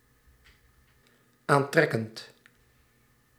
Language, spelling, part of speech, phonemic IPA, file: Dutch, aantrekkend, verb, /ˈantrɛkənt/, Nl-aantrekkend.ogg
- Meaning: present participle of aantrekken